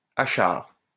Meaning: achar, (Indian) pickle
- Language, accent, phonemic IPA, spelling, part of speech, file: French, France, /a.ʃaʁ/, achard, noun, LL-Q150 (fra)-achard.wav